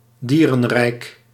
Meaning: animal kingdom, the regnum Animalia
- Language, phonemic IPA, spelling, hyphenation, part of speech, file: Dutch, /ˈdiː.rə(n)ˌrɛi̯k/, dierenrijk, die‧ren‧rijk, noun, Nl-dierenrijk.ogg